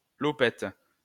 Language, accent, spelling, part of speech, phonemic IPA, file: French, France, lopette, noun, /lɔ.pɛt/, LL-Q150 (fra)-lopette.wav
- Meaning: sissy, twink